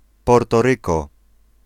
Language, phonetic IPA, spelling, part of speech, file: Polish, [ˌpɔrtɔˈrɨkɔ], Portoryko, proper noun, Pl-Portoryko.ogg